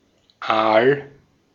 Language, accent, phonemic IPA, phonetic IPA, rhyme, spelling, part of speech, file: German, Austria, /aːl/, [ʔäːl], -aːl, Aal, noun, De-at-Aal.ogg
- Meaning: 1. eel 2. bad crease or crumple 3. torpedo